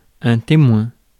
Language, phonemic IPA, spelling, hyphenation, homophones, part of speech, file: French, /te.mwɛ̃/, témoin, té‧moin, témoins, noun, Fr-témoin.ogg
- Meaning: 1. witness 2. best man 3. baton 4. indicator 5. control, control group 6. ellipsis of témoin de navigation